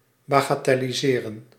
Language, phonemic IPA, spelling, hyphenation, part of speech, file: Dutch, /baːɣaːtɛliˈzeːrə(n)/, bagatelliseren, ba‧ga‧tel‧li‧se‧ren, verb, Nl-bagatelliseren.ogg
- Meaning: to trivialize, to play down